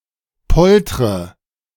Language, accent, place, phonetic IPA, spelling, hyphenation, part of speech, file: German, Germany, Berlin, [ˈpɔltʁə], poltre, polt‧re, verb, De-poltre.ogg
- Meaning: inflection of poltern: 1. first-person singular present 2. first/third-person singular subjunctive I 3. singular imperative